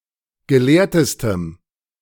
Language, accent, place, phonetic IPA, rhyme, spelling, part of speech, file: German, Germany, Berlin, [ɡəˈleːɐ̯təstəm], -eːɐ̯təstəm, gelehrtestem, adjective, De-gelehrtestem.ogg
- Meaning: strong dative masculine/neuter singular superlative degree of gelehrt